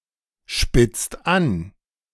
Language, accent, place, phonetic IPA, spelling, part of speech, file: German, Germany, Berlin, [ˌʃpɪt͡st ˈan], spitzt an, verb, De-spitzt an.ogg
- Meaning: inflection of anspitzen: 1. second/third-person singular present 2. second-person plural present 3. plural imperative